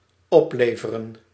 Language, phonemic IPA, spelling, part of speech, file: Dutch, /ˈɔplevərə(n)/, opleveren, verb, Nl-opleveren.ogg
- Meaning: 1. to produce 2. to result